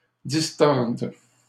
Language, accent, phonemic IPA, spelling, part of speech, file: French, Canada, /dis.tɔʁd/, distorde, verb, LL-Q150 (fra)-distorde.wav
- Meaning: first/third-person singular present subjunctive of distordre